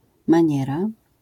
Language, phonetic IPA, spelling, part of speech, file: Polish, [mãˈɲɛra], maniera, noun, LL-Q809 (pol)-maniera.wav